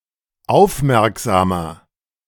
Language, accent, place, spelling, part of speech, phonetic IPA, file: German, Germany, Berlin, aufmerksamer, adjective, [ˈaʊ̯fˌmɛʁkzaːmɐ], De-aufmerksamer.ogg
- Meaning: 1. comparative degree of aufmerksam 2. inflection of aufmerksam: strong/mixed nominative masculine singular 3. inflection of aufmerksam: strong genitive/dative feminine singular